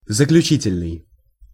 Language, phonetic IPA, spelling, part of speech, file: Russian, [zəklʲʉˈt͡ɕitʲɪlʲnɨj], заключительный, adjective, Ru-заключительный.ogg
- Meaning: 1. final, last, ultimate 2. closing 3. conclusive, concluding